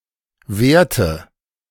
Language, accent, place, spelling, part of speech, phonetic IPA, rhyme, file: German, Germany, Berlin, wehrte, verb, [ˈveːɐ̯tə], -eːɐ̯tə, De-wehrte.ogg
- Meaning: inflection of wehren: 1. first/third-person singular preterite 2. first/third-person singular subjunctive II